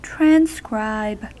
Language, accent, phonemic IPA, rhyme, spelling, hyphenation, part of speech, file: English, US, /trænˈskɹaɪb/, -aɪb, transcribe, tran‧scribe, verb, En-us-transcribe.ogg